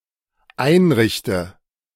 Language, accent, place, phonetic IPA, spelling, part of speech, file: German, Germany, Berlin, [ˈaɪ̯nˌʁɪçtə], einrichte, verb, De-einrichte.ogg
- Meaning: inflection of einrichten: 1. first-person singular dependent present 2. first/third-person singular dependent subjunctive I